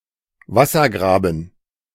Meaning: moat
- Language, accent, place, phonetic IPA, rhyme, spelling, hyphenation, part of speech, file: German, Germany, Berlin, [ˈvasɐɡʁaːbn̩], -aːbn̩, Wassergraben, Was‧ser‧gra‧ben, noun, De-Wassergraben.ogg